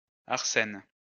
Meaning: a male given name
- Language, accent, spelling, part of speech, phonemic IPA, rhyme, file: French, France, Arsène, proper noun, /aʁ.sɛn/, -ɛn, LL-Q150 (fra)-Arsène.wav